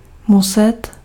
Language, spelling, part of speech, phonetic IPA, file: Czech, muset, verb, [ˈmusɛt], Cs-muset.ogg
- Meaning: must